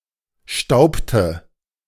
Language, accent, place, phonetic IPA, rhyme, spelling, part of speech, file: German, Germany, Berlin, [ˈʃtaʊ̯ptə], -aʊ̯ptə, staubte, verb, De-staubte.ogg
- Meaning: inflection of stauben: 1. first/third-person singular preterite 2. first/third-person singular subjunctive II